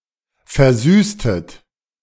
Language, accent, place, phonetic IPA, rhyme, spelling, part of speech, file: German, Germany, Berlin, [fɛɐ̯ˈzyːstət], -yːstət, versüßtet, verb, De-versüßtet.ogg
- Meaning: inflection of versüßen: 1. second-person plural preterite 2. second-person plural subjunctive II